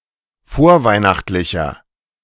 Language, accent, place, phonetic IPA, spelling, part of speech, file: German, Germany, Berlin, [ˈfoːɐ̯ˌvaɪ̯naxtlɪçɐ], vorweihnachtlicher, adjective, De-vorweihnachtlicher.ogg
- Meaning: inflection of vorweihnachtlich: 1. strong/mixed nominative masculine singular 2. strong genitive/dative feminine singular 3. strong genitive plural